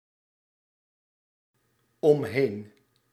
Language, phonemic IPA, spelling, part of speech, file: Dutch, /ɔmˈhen/, omheen, preposition / adverb, Nl-omheen.ogg
- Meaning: around